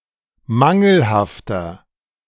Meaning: inflection of mangelhaft: 1. strong/mixed nominative masculine singular 2. strong genitive/dative feminine singular 3. strong genitive plural
- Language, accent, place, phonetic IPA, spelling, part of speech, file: German, Germany, Berlin, [ˈmaŋl̩haftɐ], mangelhafter, adjective, De-mangelhafter.ogg